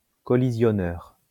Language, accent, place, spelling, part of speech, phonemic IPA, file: French, France, Lyon, collisionneur, noun, /kɔ.li.zjɔ.nœʁ/, LL-Q150 (fra)-collisionneur.wav
- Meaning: collider